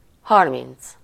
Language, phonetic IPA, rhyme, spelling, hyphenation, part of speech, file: Hungarian, [ˈhɒrmint͡s], -int͡s, harminc, har‧minc, numeral, Hu-harminc.ogg
- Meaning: thirty